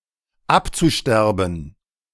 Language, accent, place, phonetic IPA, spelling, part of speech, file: German, Germany, Berlin, [ˈapt͡suˌʃtɛʁbn̩], abzusterben, verb, De-abzusterben.ogg
- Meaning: zu-infinitive of absterben